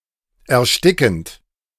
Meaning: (verb) present participle of ersticken; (adjective) suffocating, stifling
- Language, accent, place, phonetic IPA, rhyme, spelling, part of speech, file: German, Germany, Berlin, [ɛɐ̯ˈʃtɪkn̩t], -ɪkn̩t, erstickend, verb, De-erstickend.ogg